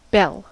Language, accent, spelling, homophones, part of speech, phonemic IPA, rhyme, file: English, US, bell, belle, noun / verb, /bɛl/, -ɛl, En-us-bell.ogg
- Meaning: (noun) A percussive instrument made of metal or other hard material, typically but not always in the shape of an inverted cup with a flared rim, which resonates when struck